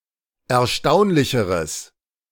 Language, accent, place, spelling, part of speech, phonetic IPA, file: German, Germany, Berlin, erstaunlicheres, adjective, [ɛɐ̯ˈʃtaʊ̯nlɪçəʁəs], De-erstaunlicheres.ogg
- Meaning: strong/mixed nominative/accusative neuter singular comparative degree of erstaunlich